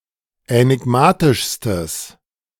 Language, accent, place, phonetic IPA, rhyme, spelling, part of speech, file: German, Germany, Berlin, [ɛnɪˈɡmaːtɪʃstəs], -aːtɪʃstəs, änigmatischstes, adjective, De-änigmatischstes.ogg
- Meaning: strong/mixed nominative/accusative neuter singular superlative degree of änigmatisch